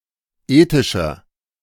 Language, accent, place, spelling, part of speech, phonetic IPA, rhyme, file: German, Germany, Berlin, ethischer, adjective, [ˈeːtɪʃɐ], -eːtɪʃɐ, De-ethischer.ogg
- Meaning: 1. comparative degree of ethisch 2. inflection of ethisch: strong/mixed nominative masculine singular 3. inflection of ethisch: strong genitive/dative feminine singular